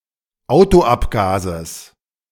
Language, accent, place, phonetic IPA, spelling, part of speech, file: German, Germany, Berlin, [ˈaʊ̯toˌʔapɡaːzəs], Autoabgases, noun, De-Autoabgases.ogg
- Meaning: genitive singular of Autoabgas